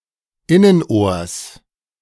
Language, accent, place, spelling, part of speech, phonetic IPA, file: German, Germany, Berlin, Innenohrs, noun, [ˈɪnənˌʔoːɐ̯s], De-Innenohrs.ogg
- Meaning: genitive singular of Innenohr